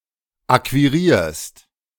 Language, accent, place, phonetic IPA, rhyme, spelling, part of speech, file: German, Germany, Berlin, [ˌakviˈʁiːɐ̯st], -iːɐ̯st, akquirierst, verb, De-akquirierst.ogg
- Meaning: second-person singular present of akquirieren